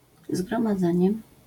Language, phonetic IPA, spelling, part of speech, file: Polish, [ˌzɡrɔ̃maˈd͡zɛ̃ɲɛ], zgromadzenie, noun, LL-Q809 (pol)-zgromadzenie.wav